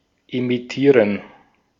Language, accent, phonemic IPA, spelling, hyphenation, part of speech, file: German, Austria, /emɪˈtiːʁən/, emittieren, emit‧tie‧ren, verb, De-at-emittieren.ogg
- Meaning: 1. to emit; send out; give off 2. to issue